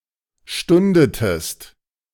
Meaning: inflection of stunden: 1. second-person singular preterite 2. second-person singular subjunctive II
- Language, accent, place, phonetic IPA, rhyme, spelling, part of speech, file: German, Germany, Berlin, [ˈʃtʊndətəst], -ʊndətəst, stundetest, verb, De-stundetest.ogg